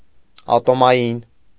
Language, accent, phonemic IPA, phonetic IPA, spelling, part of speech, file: Armenian, Eastern Armenian, /ɑtomɑˈjin/, [ɑtomɑjín], ատոմային, adjective, Hy-ատոմային.ogg
- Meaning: atomic